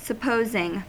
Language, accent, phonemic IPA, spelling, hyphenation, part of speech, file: English, US, /səˈpoʊzɪŋ/, supposing, sup‧pos‧ing, verb / noun / conjunction, En-us-supposing.ogg
- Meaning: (verb) present participle and gerund of suppose; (noun) The act of making a supposition; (conjunction) if hypothetically (optionally followed by that)